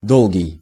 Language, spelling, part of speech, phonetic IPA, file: Russian, долгий, adjective, [ˈdoɫɡʲɪj], Ru-долгий.ogg
- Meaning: long (having great duration)